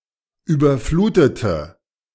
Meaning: inflection of überfluten: 1. first/third-person singular preterite 2. first/third-person singular subjunctive II
- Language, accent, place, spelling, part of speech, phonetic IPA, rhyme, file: German, Germany, Berlin, überflutete, verb, [ˌyːbɐˈfluːtətə], -uːtətə, De-überflutete.ogg